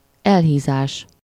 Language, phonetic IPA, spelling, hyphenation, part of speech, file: Hungarian, [ˈɛlɦiːzaːʃ], elhízás, el‧hí‧zás, noun, Hu-elhízás.ogg
- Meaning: obesity